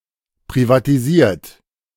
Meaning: 1. past participle of privatisieren 2. inflection of privatisieren: third-person singular present 3. inflection of privatisieren: second-person plural present
- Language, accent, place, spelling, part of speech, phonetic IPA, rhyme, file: German, Germany, Berlin, privatisiert, verb, [pʁivatiˈziːɐ̯t], -iːɐ̯t, De-privatisiert.ogg